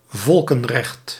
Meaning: international law, international public law
- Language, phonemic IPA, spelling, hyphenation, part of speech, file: Dutch, /ˈvɔl.kə(n)ˌrɛxt/, volkenrecht, vol‧ken‧recht, noun, Nl-volkenrecht.ogg